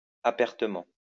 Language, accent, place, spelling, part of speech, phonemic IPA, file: French, France, Lyon, apertement, adverb, /a.pɛʁ.tə.mɑ̃/, LL-Q150 (fra)-apertement.wav
- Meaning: openly